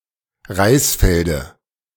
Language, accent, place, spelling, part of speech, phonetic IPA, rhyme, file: German, Germany, Berlin, Reisfelde, noun, [ˈʁaɪ̯sˌfɛldə], -aɪ̯sfɛldə, De-Reisfelde.ogg
- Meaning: dative of Reisfeld